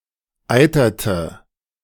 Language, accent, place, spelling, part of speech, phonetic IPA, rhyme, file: German, Germany, Berlin, eiterte, verb, [ˈaɪ̯tɐtə], -aɪ̯tɐtə, De-eiterte.ogg
- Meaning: inflection of eitern: 1. first/third-person singular preterite 2. first/third-person singular subjunctive II